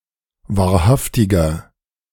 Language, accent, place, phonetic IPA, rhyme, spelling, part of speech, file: German, Germany, Berlin, [vaːɐ̯ˈhaftɪɡɐ], -aftɪɡɐ, wahrhaftiger, adjective, De-wahrhaftiger.ogg
- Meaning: inflection of wahrhaftig: 1. strong/mixed nominative masculine singular 2. strong genitive/dative feminine singular 3. strong genitive plural